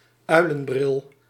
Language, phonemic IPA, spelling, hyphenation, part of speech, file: Dutch, /ˈœy̯.lə(n)ˌbrɪl/, uilenbril, ui‧len‧bril, noun, Nl-uilenbril.ogg
- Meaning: Mr. Magoo glasses